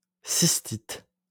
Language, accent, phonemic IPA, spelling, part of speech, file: French, France, /sis.tit/, cystite, noun, LL-Q150 (fra)-cystite.wav
- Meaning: cystitis